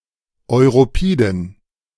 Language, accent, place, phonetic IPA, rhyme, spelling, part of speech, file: German, Germany, Berlin, [ɔɪ̯ʁoˈpiːdn̩], -iːdn̩, europiden, adjective, De-europiden.ogg
- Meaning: inflection of europid: 1. strong genitive masculine/neuter singular 2. weak/mixed genitive/dative all-gender singular 3. strong/weak/mixed accusative masculine singular 4. strong dative plural